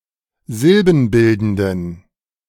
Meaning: inflection of silbenbildend: 1. strong genitive masculine/neuter singular 2. weak/mixed genitive/dative all-gender singular 3. strong/weak/mixed accusative masculine singular 4. strong dative plural
- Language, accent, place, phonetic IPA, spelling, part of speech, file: German, Germany, Berlin, [ˈzɪlbn̩ˌbɪldn̩dən], silbenbildenden, adjective, De-silbenbildenden.ogg